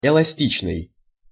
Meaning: 1. elastic 2. flexible
- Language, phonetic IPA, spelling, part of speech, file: Russian, [ɪɫɐˈsʲtʲit͡ɕnɨj], эластичный, adjective, Ru-эластичный.ogg